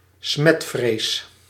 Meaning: mysophobia, germophobia
- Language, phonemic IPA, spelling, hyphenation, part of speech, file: Dutch, /ˈsmɛt.freːs/, smetvrees, smet‧vrees, noun, Nl-smetvrees.ogg